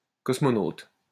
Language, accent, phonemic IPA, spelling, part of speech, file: French, France, /kɔs.mɔ.not/, cosmonaute, noun, LL-Q150 (fra)-cosmonaute.wav
- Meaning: cosmonaut